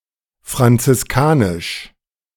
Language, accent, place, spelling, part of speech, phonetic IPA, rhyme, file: German, Germany, Berlin, franziskanisch, adjective, [fʁant͡sɪsˈkaːnɪʃ], -aːnɪʃ, De-franziskanisch.ogg
- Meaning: Franciscan